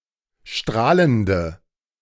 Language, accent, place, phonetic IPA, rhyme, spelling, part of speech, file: German, Germany, Berlin, [ˈʃtʁaːləndə], -aːləndə, strahlende, adjective, De-strahlende.ogg
- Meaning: inflection of strahlend: 1. strong/mixed nominative/accusative feminine singular 2. strong nominative/accusative plural 3. weak nominative all-gender singular